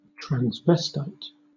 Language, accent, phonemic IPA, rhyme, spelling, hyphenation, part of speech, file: English, Southern England, /tɹænzˈvɛs.taɪt/, -ɛstaɪt, transvestite, trans‧ves‧tite, noun, LL-Q1860 (eng)-transvestite.wav
- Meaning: A person who sometimes wears clothes traditionally worn by and associated with the opposite sex; typically a male who cross-dresses occasionally by habit or personal choice